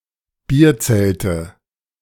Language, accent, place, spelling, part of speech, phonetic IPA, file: German, Germany, Berlin, Bierzelte, noun, [ˈbiːɐ̯ˌt͡sɛltə], De-Bierzelte.ogg
- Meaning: nominative/accusative/genitive plural of Bierzelt